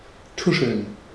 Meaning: to whisper, to quietly and secretly say (something, usually something disparaging) about (someone)
- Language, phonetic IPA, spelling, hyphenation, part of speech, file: German, [ˈtʊʃl̩n], tuscheln, tu‧scheln, verb, De-tuscheln.ogg